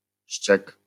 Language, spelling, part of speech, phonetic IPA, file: Polish, ściek, noun, [ɕt͡ɕɛk], LL-Q809 (pol)-ściek.wav